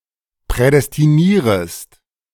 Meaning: second-person singular subjunctive I of prädestinieren
- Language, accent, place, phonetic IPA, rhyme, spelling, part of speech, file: German, Germany, Berlin, [pʁɛdɛstiˈniːʁəst], -iːʁəst, prädestinierest, verb, De-prädestinierest.ogg